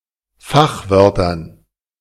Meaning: dative plural of Fachwort
- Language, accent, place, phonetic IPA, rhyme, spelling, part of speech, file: German, Germany, Berlin, [ˈfaxˌvœʁtɐn], -axvœʁtɐn, Fachwörtern, noun, De-Fachwörtern.ogg